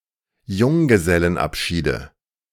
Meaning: nominative/accusative/genitive plural of Junggesellenabschied
- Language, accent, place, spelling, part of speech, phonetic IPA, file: German, Germany, Berlin, Junggesellenabschiede, noun, [ˈjʊŋɡəzɛlənˌʔapʃiːdə], De-Junggesellenabschiede.ogg